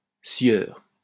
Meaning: sir, Mr., lord; title of respect for a man
- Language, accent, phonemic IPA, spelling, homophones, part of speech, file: French, France, /sjœʁ/, sieur, scieur, noun, LL-Q150 (fra)-sieur.wav